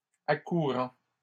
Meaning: present participle of accourir
- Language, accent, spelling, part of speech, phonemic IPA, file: French, Canada, accourant, verb, /a.ku.ʁɑ̃/, LL-Q150 (fra)-accourant.wav